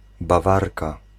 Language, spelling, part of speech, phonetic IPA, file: Polish, Bawarka, noun, [baˈvarka], Pl-Bawarka.ogg